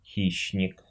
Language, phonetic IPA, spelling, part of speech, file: Russian, [ˈxʲiɕːnʲɪk], хищник, noun, Ru-хи́щник.ogg
- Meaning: predator (any animal or other organism)